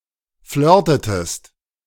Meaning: inflection of flirten: 1. second-person singular preterite 2. second-person singular subjunctive II
- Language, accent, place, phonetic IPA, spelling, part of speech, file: German, Germany, Berlin, [ˈflœːɐ̯tətəst], flirtetest, verb, De-flirtetest.ogg